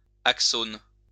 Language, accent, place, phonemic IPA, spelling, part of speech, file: French, France, Lyon, /ak.son/, axone, noun, LL-Q150 (fra)-axone.wav
- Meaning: axon